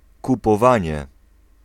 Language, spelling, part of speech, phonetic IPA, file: Polish, kupowanie, noun, [ˌkupɔˈvãɲɛ], Pl-kupowanie.ogg